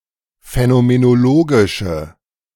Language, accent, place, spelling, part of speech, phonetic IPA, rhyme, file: German, Germany, Berlin, phänomenologische, adjective, [fɛnomenoˈloːɡɪʃə], -oːɡɪʃə, De-phänomenologische.ogg
- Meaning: inflection of phänomenologisch: 1. strong/mixed nominative/accusative feminine singular 2. strong nominative/accusative plural 3. weak nominative all-gender singular